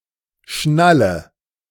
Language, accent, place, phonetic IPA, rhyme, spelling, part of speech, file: German, Germany, Berlin, [ˈʃnalə], -alə, schnalle, verb, De-schnalle.ogg
- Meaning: inflection of schnallen: 1. first-person singular present 2. first/third-person singular subjunctive I 3. singular imperative